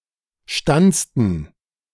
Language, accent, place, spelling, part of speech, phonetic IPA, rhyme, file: German, Germany, Berlin, stanzten, verb, [ˈʃtant͡stn̩], -ant͡stn̩, De-stanzten.ogg
- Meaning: inflection of stanzen: 1. first/third-person plural preterite 2. first/third-person plural subjunctive II